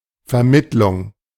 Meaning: 1. intermediation 2. agency 3. switching 4. operator
- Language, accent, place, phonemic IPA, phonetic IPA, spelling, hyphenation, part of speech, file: German, Germany, Berlin, /fɛʁˈmɪtlʊŋ/, [fɛɐ̯ˈmɪtlʊŋ], Vermittlung, Ver‧mitt‧lung, noun, De-Vermittlung.ogg